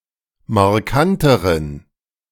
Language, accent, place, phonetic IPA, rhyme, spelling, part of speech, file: German, Germany, Berlin, [maʁˈkantəʁən], -antəʁən, markanteren, adjective, De-markanteren.ogg
- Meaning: inflection of markant: 1. strong genitive masculine/neuter singular comparative degree 2. weak/mixed genitive/dative all-gender singular comparative degree